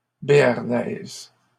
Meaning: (adjective) feminine singular of béarnais; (noun) béarnaise sauce
- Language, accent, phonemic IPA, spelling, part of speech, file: French, Canada, /be.aʁ.nɛz/, béarnaise, adjective / noun, LL-Q150 (fra)-béarnaise.wav